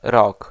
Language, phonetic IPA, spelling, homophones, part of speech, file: Polish, [rɔk], rok, rock, noun, Pl-rok.ogg